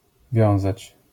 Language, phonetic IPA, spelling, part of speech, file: Polish, [ˈvʲjɔ̃w̃zat͡ɕ], wiązać, verb, LL-Q809 (pol)-wiązać.wav